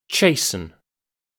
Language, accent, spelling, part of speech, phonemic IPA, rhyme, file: English, UK, chasten, verb, /ˈt͡ʃeɪ.sən/, -eɪsən, En-uk-chasten.ogg
- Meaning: 1. To make chaste 2. To chastize; to punish or reprimand for the sake of improvement 3. To render humble or restrained